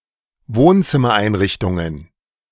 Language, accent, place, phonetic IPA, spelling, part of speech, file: German, Germany, Berlin, [ˈvoːnt͡sɪmɐˌʔaɪ̯nʁɪçtʊŋən], Wohnzimmereinrichtungen, noun, De-Wohnzimmereinrichtungen.ogg
- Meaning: plural of Wohnzimmereinrichtung